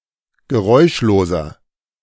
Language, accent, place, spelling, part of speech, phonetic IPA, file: German, Germany, Berlin, geräuschloser, adjective, [ɡəˈʁɔɪ̯ʃloːzɐ], De-geräuschloser.ogg
- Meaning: 1. comparative degree of geräuschlos 2. inflection of geräuschlos: strong/mixed nominative masculine singular 3. inflection of geräuschlos: strong genitive/dative feminine singular